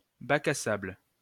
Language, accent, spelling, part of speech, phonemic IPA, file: French, France, bac à sable, noun, /ba.k‿a sabl/, LL-Q150 (fra)-bac à sable.wav
- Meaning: sandbox, sandpit